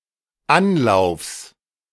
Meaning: genitive singular of Anlauf
- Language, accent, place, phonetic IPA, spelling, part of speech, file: German, Germany, Berlin, [ˈanˌlaʊ̯fs], Anlaufs, noun, De-Anlaufs.ogg